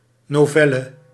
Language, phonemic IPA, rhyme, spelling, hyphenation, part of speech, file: Dutch, /ˌnoːˈvɛ.lə/, -ɛlə, novelle, no‧vel‧le, noun, Nl-novelle.ogg
- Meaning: 1. a short novel, short story, a novella 2. a literary essay on closely related events